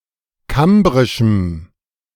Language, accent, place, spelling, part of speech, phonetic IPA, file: German, Germany, Berlin, kambrischem, adjective, [ˈkambʁɪʃm̩], De-kambrischem.ogg
- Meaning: strong dative masculine/neuter singular of kambrisch